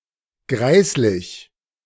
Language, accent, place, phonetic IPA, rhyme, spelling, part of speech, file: German, Germany, Berlin, [ˈɡʁaɪ̯slɪç], -aɪ̯slɪç, greislich, adjective, De-greislich.ogg
- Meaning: repulsive, disgusting